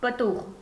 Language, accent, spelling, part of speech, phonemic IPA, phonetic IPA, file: Armenian, Eastern Armenian, պտուղ, noun, /pəˈtuʁ/, [pətúʁ], Hy-պտուղ.ogg
- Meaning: 1. fruit 2. result, fruit, yield 3. foetus 4. pupil of the eye